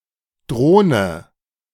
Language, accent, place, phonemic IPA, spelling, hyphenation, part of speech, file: German, Germany, Berlin, /ˈdʁoːnə/, Drohne, Droh‧ne, noun, De-Drohne.ogg
- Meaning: 1. drone (male bee) 2. sponger, parasite 3. drone (unmanned aircraft)